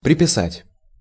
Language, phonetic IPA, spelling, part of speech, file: Russian, [prʲɪpʲɪˈsatʲ], приписать, verb, Ru-приписать.ogg
- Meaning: 1. to add (by writing) 2. to attach, to register 3. to arrogate, to ascribe, to attribute, to impute